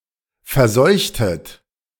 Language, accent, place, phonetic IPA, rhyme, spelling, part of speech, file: German, Germany, Berlin, [fɛɐ̯ˈzɔɪ̯çtət], -ɔɪ̯çtət, verseuchtet, verb, De-verseuchtet.ogg
- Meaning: inflection of verseuchen: 1. second-person plural preterite 2. second-person plural subjunctive II